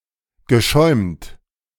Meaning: past participle of schäumen
- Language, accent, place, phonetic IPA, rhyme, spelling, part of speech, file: German, Germany, Berlin, [ɡəˈʃɔɪ̯mt], -ɔɪ̯mt, geschäumt, verb, De-geschäumt.ogg